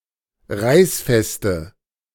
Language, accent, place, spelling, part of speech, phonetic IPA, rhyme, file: German, Germany, Berlin, reißfeste, adjective, [ˈʁaɪ̯sˌfɛstə], -aɪ̯sfɛstə, De-reißfeste.ogg
- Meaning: inflection of reißfest: 1. strong/mixed nominative/accusative feminine singular 2. strong nominative/accusative plural 3. weak nominative all-gender singular